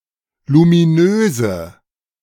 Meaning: inflection of luminös: 1. strong/mixed nominative/accusative feminine singular 2. strong nominative/accusative plural 3. weak nominative all-gender singular 4. weak accusative feminine/neuter singular
- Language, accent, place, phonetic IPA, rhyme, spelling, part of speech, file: German, Germany, Berlin, [lumiˈnøːzə], -øːzə, luminöse, adjective, De-luminöse.ogg